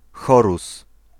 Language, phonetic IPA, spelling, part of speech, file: Polish, [ˈxɔrus], Horus, proper noun, Pl-Horus.ogg